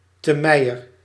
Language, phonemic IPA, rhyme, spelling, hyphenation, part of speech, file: Dutch, /təˈmɛi̯.ər/, -ɛi̯ər, temeier, te‧mei‧er, noun, Nl-temeier.ogg
- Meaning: whore (prostitute)